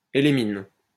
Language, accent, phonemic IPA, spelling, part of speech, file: French, France, /e.le.min/, élémine, noun, LL-Q150 (fra)-élémine.wav
- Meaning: elemin